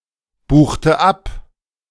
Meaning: inflection of abbuchen: 1. first/third-person singular preterite 2. first/third-person singular subjunctive II
- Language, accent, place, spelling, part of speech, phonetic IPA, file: German, Germany, Berlin, buchte ab, verb, [ˌbuːxtə ˈap], De-buchte ab.ogg